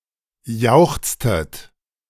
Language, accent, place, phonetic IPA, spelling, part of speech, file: German, Germany, Berlin, [ˈjaʊ̯xt͡stət], jauchztet, verb, De-jauchztet.ogg
- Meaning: inflection of jauchzen: 1. second-person plural preterite 2. second-person plural subjunctive II